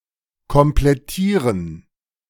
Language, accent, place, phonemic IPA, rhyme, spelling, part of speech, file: German, Germany, Berlin, /kɔmplɛˈtiːʁən/, -iːʁən, komplettieren, verb, De-komplettieren.ogg
- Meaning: to complete